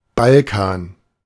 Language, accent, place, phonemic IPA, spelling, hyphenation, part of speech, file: German, Germany, Berlin, /ˈbalˌkaːn/, Balkan, Bal‧kan, proper noun, De-Balkan.ogg